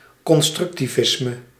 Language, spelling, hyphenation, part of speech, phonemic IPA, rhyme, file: Dutch, constructivisme, con‧struc‧ti‧vis‧me, noun, /ˌkɔn.strʏk.tiˈvɪs.mə/, -ɪsmə, Nl-constructivisme.ogg
- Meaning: constructivism (Russian art movement involving abstract geometrical objects and industrial materials)